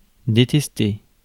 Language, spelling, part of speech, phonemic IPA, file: French, détester, verb, /de.tɛs.te/, Fr-détester.ogg
- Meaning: to hate, to detest (to thoroughly dislike)